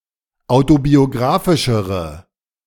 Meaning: inflection of autobiografisch: 1. strong/mixed nominative/accusative feminine singular comparative degree 2. strong nominative/accusative plural comparative degree
- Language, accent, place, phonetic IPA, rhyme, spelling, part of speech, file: German, Germany, Berlin, [ˌaʊ̯tobioˈɡʁaːfɪʃəʁə], -aːfɪʃəʁə, autobiografischere, adjective, De-autobiografischere.ogg